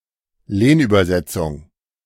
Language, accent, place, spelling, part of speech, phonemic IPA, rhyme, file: German, Germany, Berlin, Lehnübersetzung, noun, /ˈleːnˌybɐzɛtsʊŋ/, -ɛt͡sʊŋ, De-Lehnübersetzung.ogg
- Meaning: loan translation, calque